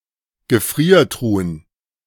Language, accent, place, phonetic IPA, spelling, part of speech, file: German, Germany, Berlin, [ɡəˈfʁiːɐ̯ˌtʁuːən], Gefriertruhen, noun, De-Gefriertruhen.ogg
- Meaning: plural of Gefriertruhe